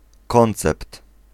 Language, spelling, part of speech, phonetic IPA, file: Polish, koncept, noun, [ˈkɔ̃nt͡sɛpt], Pl-koncept.ogg